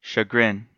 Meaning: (noun) 1. A distress of mind caused by a failure of aims or plans, a want of appreciation, mistakes, etc.; vexation or mortification 2. A type of leather or skin with a rough surface
- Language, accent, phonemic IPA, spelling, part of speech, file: English, US, /ʃəˈɡɹɪn/, chagrin, noun / verb / adjective, En-us-chagrin.ogg